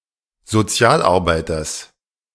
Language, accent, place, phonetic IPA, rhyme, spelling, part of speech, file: German, Germany, Berlin, [zoˈt͡si̯aːlʔaʁˌbaɪ̯tɐs], -aːlʔaʁbaɪ̯tɐs, Sozialarbeiters, noun, De-Sozialarbeiters.ogg
- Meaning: genitive singular of Sozialarbeiter